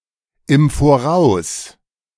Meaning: in advance, beforehand
- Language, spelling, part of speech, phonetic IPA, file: German, im Voraus, adverb, [ɪm ˈfoːʁaʊ̯s], De-im Voraus.oga